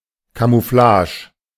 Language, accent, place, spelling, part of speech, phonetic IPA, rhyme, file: German, Germany, Berlin, Camouflage, noun, [kamuˈflaːʒə], -aːʒə, De-Camouflage.ogg
- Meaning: camouflage